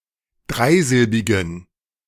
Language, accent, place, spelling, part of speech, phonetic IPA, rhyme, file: German, Germany, Berlin, dreisilbigen, adjective, [ˈdʁaɪ̯ˌzɪlbɪɡn̩], -aɪ̯zɪlbɪɡn̩, De-dreisilbigen.ogg
- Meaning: inflection of dreisilbig: 1. strong genitive masculine/neuter singular 2. weak/mixed genitive/dative all-gender singular 3. strong/weak/mixed accusative masculine singular 4. strong dative plural